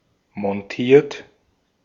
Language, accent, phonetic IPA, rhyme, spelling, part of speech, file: German, Austria, [mɔnˈtiːɐ̯t], -iːɐ̯t, montiert, verb, De-at-montiert.ogg
- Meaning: 1. past participle of montieren 2. inflection of montieren: third-person singular present 3. inflection of montieren: second-person plural present 4. inflection of montieren: plural imperative